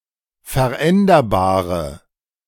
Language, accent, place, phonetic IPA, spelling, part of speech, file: German, Germany, Berlin, [fɛɐ̯ˈʔɛndɐbaːʁə], veränderbare, adjective, De-veränderbare.ogg
- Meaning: inflection of veränderbar: 1. strong/mixed nominative/accusative feminine singular 2. strong nominative/accusative plural 3. weak nominative all-gender singular